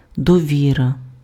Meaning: trust (confidence in or reliance on some person or quality)
- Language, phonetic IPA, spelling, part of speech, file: Ukrainian, [dɔˈʋʲirɐ], довіра, noun, Uk-довіра.ogg